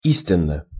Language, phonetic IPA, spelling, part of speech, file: Russian, [ˈisʲtʲɪn(ː)ə], истинно, adverb / adjective, Ru-истинно.ogg
- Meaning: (adverb) truly (in accordance with the facts); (adjective) short neuter singular of и́стинный (ístinnyj)